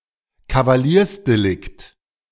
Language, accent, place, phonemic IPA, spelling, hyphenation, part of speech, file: German, Germany, Berlin, /kavaˈliːɐ̯sdeˌlɪkt/, Kavaliersdelikt, Ka‧va‧liers‧de‧likt, noun, De-Kavaliersdelikt.ogg
- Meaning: petty offense, peccadillo